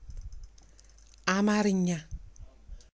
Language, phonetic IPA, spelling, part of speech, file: Amharic, [ämärɨɲːä], አማርኛ, adjective / noun, Amarigna.ogg
- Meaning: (adjective) Amharic, Amharan; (noun) Amharic language